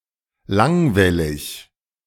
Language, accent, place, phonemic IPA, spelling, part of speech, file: German, Germany, Berlin, /ˈlaŋˌvɛlɪç/, langwellig, adjective, De-langwellig.ogg
- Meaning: longwave